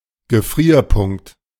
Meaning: freezing point
- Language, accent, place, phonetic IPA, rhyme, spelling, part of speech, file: German, Germany, Berlin, [ɡəˈfʁiːɐ̯ˌpʊŋkt], -iːɐ̯pʊŋkt, Gefrierpunkt, noun, De-Gefrierpunkt.ogg